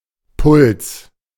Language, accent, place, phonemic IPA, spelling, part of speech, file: German, Germany, Berlin, /pʊls/, Puls, noun, De-Puls.ogg
- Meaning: pulse